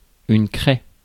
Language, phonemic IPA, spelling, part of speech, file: French, /kʁɛ/, craie, noun, Fr-craie.ogg
- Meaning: chalk